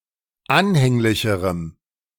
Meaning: strong dative masculine/neuter singular comparative degree of anhänglich
- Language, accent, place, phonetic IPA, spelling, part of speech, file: German, Germany, Berlin, [ˈanhɛŋlɪçəʁəm], anhänglicherem, adjective, De-anhänglicherem.ogg